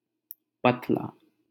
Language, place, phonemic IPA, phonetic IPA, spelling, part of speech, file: Hindi, Delhi, /pət̪.lɑː/, [pɐt̪.läː], पतला, adjective, LL-Q1568 (hin)-पतला.wav
- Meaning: 1. thin, lean, slender 2. emaciate; weak 3. delicate; frail 4. high-pitched, soprano